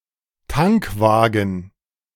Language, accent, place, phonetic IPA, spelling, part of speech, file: German, Germany, Berlin, [ˈtaŋkˌvaːɡn̩], Tankwagen, noun, De-Tankwagen.ogg
- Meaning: tanker (road vehicle)